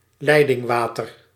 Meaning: tap water, running water
- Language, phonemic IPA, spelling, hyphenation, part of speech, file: Dutch, /ˈlɛi̯.dɪŋˌʋaː.tər/, leidingwater, lei‧ding‧wa‧ter, noun, Nl-leidingwater.ogg